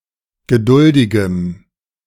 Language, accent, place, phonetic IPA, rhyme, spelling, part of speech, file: German, Germany, Berlin, [ɡəˈdʊldɪɡəm], -ʊldɪɡəm, geduldigem, adjective, De-geduldigem.ogg
- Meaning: strong dative masculine/neuter singular of geduldig